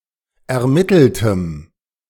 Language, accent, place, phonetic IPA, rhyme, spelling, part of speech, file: German, Germany, Berlin, [ɛɐ̯ˈmɪtl̩təm], -ɪtl̩təm, ermitteltem, adjective, De-ermitteltem.ogg
- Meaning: strong dative masculine/neuter singular of ermittelt